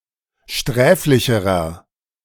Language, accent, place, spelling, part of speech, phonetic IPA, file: German, Germany, Berlin, sträflicherer, adjective, [ˈʃtʁɛːflɪçəʁɐ], De-sträflicherer.ogg
- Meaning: inflection of sträflich: 1. strong/mixed nominative masculine singular comparative degree 2. strong genitive/dative feminine singular comparative degree 3. strong genitive plural comparative degree